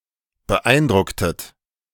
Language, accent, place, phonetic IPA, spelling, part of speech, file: German, Germany, Berlin, [bəˈʔaɪ̯nˌdʁʊktət], beeindrucktet, verb, De-beeindrucktet.ogg
- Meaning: inflection of beeindrucken: 1. second-person plural preterite 2. second-person plural subjunctive II